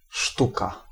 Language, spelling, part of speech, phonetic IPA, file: Polish, sztuka, noun, [ˈʃtuka], Pl-sztuka.ogg